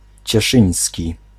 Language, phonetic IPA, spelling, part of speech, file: Polish, [t͡ɕɛˈʃɨ̃j̃sʲci], cieszyński, adjective, Pl-cieszyński.ogg